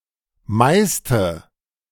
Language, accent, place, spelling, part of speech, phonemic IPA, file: German, Germany, Berlin, meiste, adjective, /ˈmaɪ̯stə/, De-meiste.ogg
- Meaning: inflection of viel: 1. strong/mixed nominative/accusative feminine singular superlative degree 2. strong nominative/accusative plural superlative degree